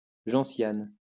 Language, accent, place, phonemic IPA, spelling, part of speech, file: French, France, Lyon, /ʒɑ̃.sjan/, gentiane, noun, LL-Q150 (fra)-gentiane.wav
- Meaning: gentian